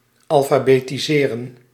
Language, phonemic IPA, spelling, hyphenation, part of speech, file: Dutch, /ˌɑl.faː.beː.tiˈzeː.rə(n)/, alfabetiseren, al‧fa‧be‧ti‧se‧ren, verb, Nl-alfabetiseren.ogg
- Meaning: 1. to arrange alphabetically 2. to educate in reading and writing, to make literate